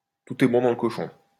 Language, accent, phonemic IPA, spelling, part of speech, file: French, France, /tu.t‿ɛ bɔ̃ dɑ̃ l(ə) kɔ.ʃɔ̃/, tout est bon dans le cochon, proverb, LL-Q150 (fra)-tout est bon dans le cochon.wav
- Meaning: waste not, want not; everything has its use, nothing is wasted; nothing should go to waste